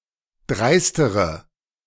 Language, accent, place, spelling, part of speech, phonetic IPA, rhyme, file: German, Germany, Berlin, dreistere, adjective, [ˈdʁaɪ̯stəʁə], -aɪ̯stəʁə, De-dreistere.ogg
- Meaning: inflection of dreist: 1. strong/mixed nominative/accusative feminine singular comparative degree 2. strong nominative/accusative plural comparative degree